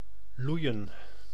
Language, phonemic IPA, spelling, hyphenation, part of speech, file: Dutch, /ˈlui̯ə(n)/, loeien, loe‧ien, verb, Nl-loeien.ogg
- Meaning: 1. to low, to moo 2. to roar, to make loud noise